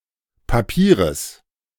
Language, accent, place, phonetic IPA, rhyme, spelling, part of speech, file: German, Germany, Berlin, [paˈpiːʁəs], -iːʁəs, Papieres, noun, De-Papieres.ogg
- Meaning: genitive singular of Papier